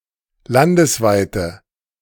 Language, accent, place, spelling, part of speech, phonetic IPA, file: German, Germany, Berlin, landesweite, adjective, [ˈlandəsˌvaɪ̯tə], De-landesweite.ogg
- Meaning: inflection of landesweit: 1. strong/mixed nominative/accusative feminine singular 2. strong nominative/accusative plural 3. weak nominative all-gender singular